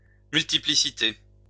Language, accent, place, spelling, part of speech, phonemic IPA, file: French, France, Lyon, multiplicité, noun, /myl.ti.pli.si.te/, LL-Q150 (fra)-multiplicité.wav
- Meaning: multiplicity